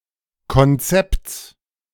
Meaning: genitive singular of Konzept
- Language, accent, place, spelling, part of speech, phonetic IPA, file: German, Germany, Berlin, Konzepts, noun, [kɔnˈt͡sɛpt͡s], De-Konzepts.ogg